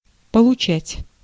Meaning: to receive, to get, to obtain, to accept
- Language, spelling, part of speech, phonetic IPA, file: Russian, получать, verb, [pəɫʊˈt͡ɕætʲ], Ru-получать.ogg